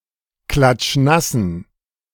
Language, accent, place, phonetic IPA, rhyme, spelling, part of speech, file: German, Germany, Berlin, [ˌklat͡ʃˈnasn̩], -asn̩, klatschnassen, adjective, De-klatschnassen.ogg
- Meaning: inflection of klatschnass: 1. strong genitive masculine/neuter singular 2. weak/mixed genitive/dative all-gender singular 3. strong/weak/mixed accusative masculine singular 4. strong dative plural